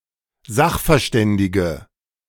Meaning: inflection of sachverständig: 1. strong/mixed nominative/accusative feminine singular 2. strong nominative/accusative plural 3. weak nominative all-gender singular
- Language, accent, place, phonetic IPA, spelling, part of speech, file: German, Germany, Berlin, [ˈzaxfɛɐ̯ˌʃtɛndɪɡə], sachverständige, adjective, De-sachverständige.ogg